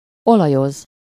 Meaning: to oil (to lubricate with oil)
- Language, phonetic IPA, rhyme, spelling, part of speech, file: Hungarian, [ˈolɒjoz], -oz, olajoz, verb, Hu-olajoz.ogg